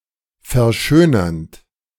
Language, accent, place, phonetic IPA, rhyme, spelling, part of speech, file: German, Germany, Berlin, [fɛɐ̯ˈʃøːnɐnt], -øːnɐnt, verschönernd, verb, De-verschönernd.ogg
- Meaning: present participle of verschönern